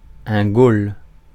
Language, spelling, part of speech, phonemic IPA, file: French, goal, noun, /ɡol/, Fr-goal.ogg
- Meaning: 1. goalkeeper especially in soccer and polo 2. target in those sports